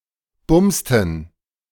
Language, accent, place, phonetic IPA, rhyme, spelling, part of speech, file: German, Germany, Berlin, [ˈbʊmstn̩], -ʊmstn̩, bumsten, verb, De-bumsten.ogg
- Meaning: inflection of bumsen: 1. first/third-person plural preterite 2. first/third-person plural subjunctive II